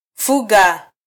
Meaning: to keep (livestock)
- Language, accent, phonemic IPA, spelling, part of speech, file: Swahili, Kenya, /ˈfu.ɠɑ/, fuga, verb, Sw-ke-fuga.flac